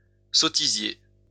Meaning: sottisier
- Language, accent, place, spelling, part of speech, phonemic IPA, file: French, France, Lyon, sottisier, noun, /sɔ.ti.zje/, LL-Q150 (fra)-sottisier.wav